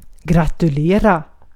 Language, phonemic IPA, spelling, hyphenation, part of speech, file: Swedish, /ɡra.tɵlˈeːra/, gratulera, gra‧tul‧e‧ra, verb, Sv-gratulera.ogg
- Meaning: to congratulate (to express one's sympathetic pleasure or joy to the person(s) it is felt for)